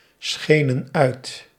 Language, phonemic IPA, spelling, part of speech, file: Dutch, /ˈsxenə(n) ˈœyt/, schenen uit, verb, Nl-schenen uit.ogg
- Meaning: inflection of uitschijnen: 1. plural past indicative 2. plural past subjunctive